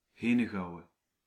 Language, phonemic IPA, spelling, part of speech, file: Dutch, /ˈɦeː.nə.ˌɣɑu̯.ə(n)/, Henegouwen, proper noun, Nl-Henegouwen.ogg
- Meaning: Hainaut (a province of Belgium)